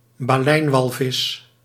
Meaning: baleen whale, member of the parvorder Mysticeti
- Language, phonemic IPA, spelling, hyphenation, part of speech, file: Dutch, /baːˈlɛi̯nˌʋɑl.vɪs/, baleinwalvis, ba‧lein‧wal‧vis, noun, Nl-baleinwalvis.ogg